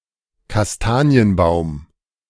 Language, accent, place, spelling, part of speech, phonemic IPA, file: German, Germany, Berlin, Kastanienbaum, noun, /kasˈtaːni̯ənˌbaʊ̯m/, De-Kastanienbaum.ogg
- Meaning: chestnut tree (a tree that bears chestnuts)